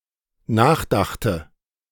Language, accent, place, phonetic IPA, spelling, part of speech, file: German, Germany, Berlin, [ˈnaːxˌdaxtə], nachdachte, verb, De-nachdachte.ogg
- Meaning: first/third-person singular dependent preterite of nachdenken